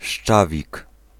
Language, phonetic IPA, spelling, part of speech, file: Polish, [ˈʃt͡ʃavʲik], szczawik, noun, Pl-szczawik.ogg